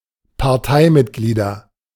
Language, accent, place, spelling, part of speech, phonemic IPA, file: German, Germany, Berlin, Parteimitglieder, noun, /paʁˈtaɪ̯ˌmɪtɡliːdɐ/, De-Parteimitglieder.ogg
- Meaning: nominative/accusative/genitive plural of Parteimitglied